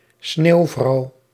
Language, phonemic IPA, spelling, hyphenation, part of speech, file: Dutch, /ˈsneːu̯.vrɑu̯/, sneeuwvrouw, sneeuw‧vrouw, noun, Nl-sneeuwvrouw.ogg
- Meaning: female snowman, female figure made of snow